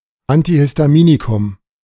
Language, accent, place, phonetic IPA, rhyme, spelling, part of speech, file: German, Germany, Berlin, [antihɪstaˈmiːnikʊm], -iːnikʊm, Antihistaminikum, noun, De-Antihistaminikum.ogg
- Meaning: antihistamine